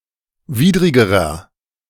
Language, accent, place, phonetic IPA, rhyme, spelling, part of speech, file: German, Germany, Berlin, [ˈviːdʁɪɡəʁɐ], -iːdʁɪɡəʁɐ, widrigerer, adjective, De-widrigerer.ogg
- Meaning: inflection of widrig: 1. strong/mixed nominative masculine singular comparative degree 2. strong genitive/dative feminine singular comparative degree 3. strong genitive plural comparative degree